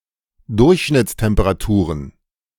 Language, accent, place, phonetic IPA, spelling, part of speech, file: German, Germany, Berlin, [ˈdʊʁçʃnɪt͡stɛmpəʁaˌtuːʁən], Durchschnittstemperaturen, noun, De-Durchschnittstemperaturen.ogg
- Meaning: plural of Durchschnittstemperatur